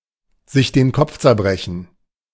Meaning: 1. to rack one's brain 2. to agonize, to worry (to struggle trying to come up with a way to deal with a difficult problem)
- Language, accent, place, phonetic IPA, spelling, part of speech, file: German, Germany, Berlin, [zɪç deːn ˈkɔp͡f t͡sɛɐ̯ˈbʁɛçn̩], sich den Kopf zerbrechen, phrase, De-sich den Kopf zerbrechen.ogg